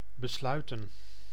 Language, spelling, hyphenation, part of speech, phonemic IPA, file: Dutch, besluiten, be‧slui‧ten, verb / noun, /bəˈslœy̯tə(n)/, Nl-besluiten.ogg
- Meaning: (verb) to decide, to make a decision; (noun) plural of besluit